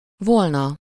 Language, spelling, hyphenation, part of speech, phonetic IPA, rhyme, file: Hungarian, volna, vol‧na, verb / particle, [ˈvolnɒ], -nɒ, Hu-volna.ogg
- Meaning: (verb) third-person singular conditional present of van; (particle) would have, forms the past conditional